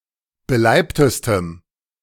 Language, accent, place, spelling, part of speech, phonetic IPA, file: German, Germany, Berlin, beleibtestem, adjective, [bəˈlaɪ̯ptəstəm], De-beleibtestem.ogg
- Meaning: strong dative masculine/neuter singular superlative degree of beleibt